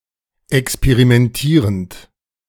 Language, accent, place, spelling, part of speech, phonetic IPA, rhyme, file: German, Germany, Berlin, experimentierend, verb, [ɛkspeʁimɛnˈtiːʁənt], -iːʁənt, De-experimentierend.ogg
- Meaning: present participle of experimentieren